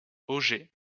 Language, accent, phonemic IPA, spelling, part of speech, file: French, France, /o.ʒɛ/, auget, noun, LL-Q150 (fra)-auget.wav
- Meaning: 1. a small feeding trough for cage-birds 2. the bucket of a waterwheel